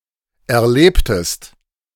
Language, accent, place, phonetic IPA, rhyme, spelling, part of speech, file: German, Germany, Berlin, [ɛɐ̯ˈleːptəst], -eːptəst, erlebtest, verb, De-erlebtest.ogg
- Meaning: inflection of erleben: 1. second-person singular preterite 2. second-person singular subjunctive II